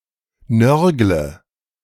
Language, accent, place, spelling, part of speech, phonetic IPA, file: German, Germany, Berlin, nörgle, verb, [ˈnœʁɡlə], De-nörgle.ogg
- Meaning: inflection of nörgeln: 1. first-person singular present 2. singular imperative 3. first/third-person singular subjunctive I